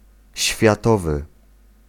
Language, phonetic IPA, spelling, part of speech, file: Polish, [ɕfʲjaˈtɔvɨ], światowy, adjective, Pl-światowy.ogg